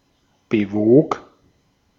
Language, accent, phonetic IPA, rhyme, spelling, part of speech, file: German, Austria, [bəˈvoːk], -oːk, bewog, verb, De-at-bewog.ogg
- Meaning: first/third-person singular preterite of bewegen